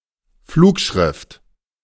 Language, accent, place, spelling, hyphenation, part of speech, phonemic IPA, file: German, Germany, Berlin, Flugschrift, Flug‧schrift, noun, /ˈfluːkˌʃʁɪft/, De-Flugschrift.ogg
- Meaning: pamphlet